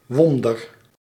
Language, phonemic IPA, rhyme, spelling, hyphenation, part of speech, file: Dutch, /ˈʋɔn.dər/, -ɔndər, wonder, won‧der, noun, Nl-wonder.ogg
- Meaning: wonder, miracle